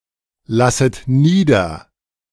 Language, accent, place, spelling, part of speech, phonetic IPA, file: German, Germany, Berlin, lasset nieder, verb, [ˌlasət ˈniːdɐ], De-lasset nieder.ogg
- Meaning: second-person plural subjunctive I of niederlassen